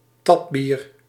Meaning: draught (UK), draft (US); draught beer (beer drawn from a keg or barrel)
- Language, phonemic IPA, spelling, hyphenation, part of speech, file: Dutch, /ˈtɑp.bir/, tapbier, tap‧bier, noun, Nl-tapbier.ogg